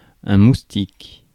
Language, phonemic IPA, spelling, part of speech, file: French, /mus.tik/, moustique, noun, Fr-moustique.ogg
- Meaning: 1. mosquito 2. gnat 3. pest